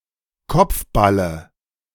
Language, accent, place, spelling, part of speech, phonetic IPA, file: German, Germany, Berlin, Kopfballe, noun, [ˈkɔp͡fˌbalə], De-Kopfballe.ogg
- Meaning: dative singular of Kopfball